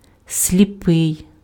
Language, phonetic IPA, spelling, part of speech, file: Ukrainian, [sʲlʲiˈpɪi̯], сліпий, adjective / noun, Uk-сліпий.ogg
- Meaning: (adjective) 1. blind (unable or failing to see) 2. blind person; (noun) male blind person